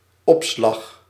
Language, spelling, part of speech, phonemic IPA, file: Dutch, opslag, noun, /ˈɔpslɑx/, Nl-opslag.ogg
- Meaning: 1. storage 2. raise (in wages)